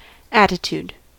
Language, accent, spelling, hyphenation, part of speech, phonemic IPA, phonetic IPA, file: English, US, attitude, at‧ti‧tude, noun / verb, /ˈætɪˌtud/, [ˈæɾɪˌtud], En-us-attitude.ogg
- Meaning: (noun) 1. The position of the body or way of carrying oneself 2. A disposition or state of mind 3. Unpleasant behavior